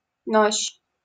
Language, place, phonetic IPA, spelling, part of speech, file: Russian, Saint Petersburg, [noɕː], нощь, noun, LL-Q7737 (rus)-нощь.wav
- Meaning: night, nighttime (period of time from sundown to sunup)